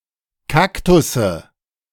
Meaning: nominative/accusative/genitive plural of Kaktus
- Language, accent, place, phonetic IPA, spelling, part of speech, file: German, Germany, Berlin, [ˈkaktʊsə], Kaktusse, noun, De-Kaktusse.ogg